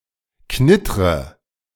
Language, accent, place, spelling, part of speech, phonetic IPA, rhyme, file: German, Germany, Berlin, knittre, verb, [ˈknɪtʁə], -ɪtʁə, De-knittre.ogg
- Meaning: inflection of knittern: 1. first-person singular present 2. first/third-person singular subjunctive I 3. singular imperative